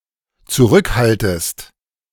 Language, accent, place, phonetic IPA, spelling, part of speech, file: German, Germany, Berlin, [t͡suˈʁʏkˌhaltəst], zurückhaltest, verb, De-zurückhaltest.ogg
- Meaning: second-person singular dependent subjunctive I of zurückhalten